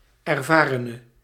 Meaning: inflection of ervaren: 1. masculine/feminine singular attributive 2. definite neuter singular attributive 3. plural attributive
- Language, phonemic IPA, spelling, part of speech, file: Dutch, /ɛrˈvarənə/, ervarene, noun / adjective, Nl-ervarene.ogg